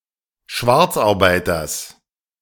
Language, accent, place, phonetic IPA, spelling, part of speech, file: German, Germany, Berlin, [ˈʃvaʁt͡sʔaʁˌbaɪ̯tɐs], Schwarzarbeiters, noun, De-Schwarzarbeiters.ogg
- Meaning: genitive singular of Schwarzarbeiter